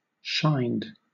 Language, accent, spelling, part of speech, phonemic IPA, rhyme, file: English, Southern England, shined, verb, /ʃaɪnd/, -aɪnd, LL-Q1860 (eng)-shined.wav
- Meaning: simple past and past participle of shine